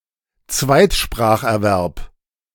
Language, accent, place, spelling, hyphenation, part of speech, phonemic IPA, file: German, Germany, Berlin, Zweitspracherwerb, Zweit‧sprach‧er‧werb, noun, /ˈt͡svaɪ̯tʃpʁaːxʔɛɐ̯ˌvɛʁp/, De-Zweitspracherwerb.ogg
- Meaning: second language acquisition